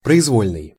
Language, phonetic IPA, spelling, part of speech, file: Russian, [prəɪzˈvolʲnɨj], произвольный, adjective, Ru-произвольный.ogg
- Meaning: arbitrary, random, any given (determined by impulse)